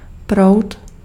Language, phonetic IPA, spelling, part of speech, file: Czech, [ˈprou̯t], proud, noun, Cs-proud.ogg
- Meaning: current